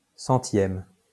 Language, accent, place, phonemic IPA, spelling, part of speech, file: French, France, Lyon, /sɑ̃.tjɛm/, 100e, adjective / noun, LL-Q150 (fra)-100e.wav
- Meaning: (adjective) abbreviation of centième (“hundredth”)